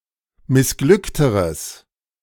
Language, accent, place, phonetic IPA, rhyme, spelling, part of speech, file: German, Germany, Berlin, [mɪsˈɡlʏktəʁəs], -ʏktəʁəs, missglückteres, adjective, De-missglückteres.ogg
- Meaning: strong/mixed nominative/accusative neuter singular comparative degree of missglückt